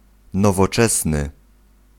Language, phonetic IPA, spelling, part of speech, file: Polish, [ˌnɔvɔˈt͡ʃɛsnɨ], nowoczesny, adjective, Pl-nowoczesny.ogg